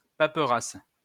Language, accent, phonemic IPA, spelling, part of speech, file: French, France, /pa.pʁas/, paperasse, noun, LL-Q150 (fra)-paperasse.wav
- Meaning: paperwork, bumf